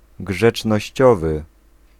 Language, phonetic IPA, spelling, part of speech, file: Polish, [ˌɡʒɛt͡ʃnɔɕˈt͡ɕɔvɨ], grzecznościowy, adjective, Pl-grzecznościowy.ogg